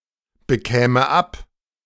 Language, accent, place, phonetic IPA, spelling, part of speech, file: German, Germany, Berlin, [bəˌkɛːmə ˈap], bekäme ab, verb, De-bekäme ab.ogg
- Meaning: first/third-person singular subjunctive II of abbekommen